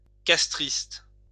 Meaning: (adjective) Castrist
- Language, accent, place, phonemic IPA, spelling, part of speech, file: French, France, Lyon, /kas.tʁist/, castriste, adjective / noun, LL-Q150 (fra)-castriste.wav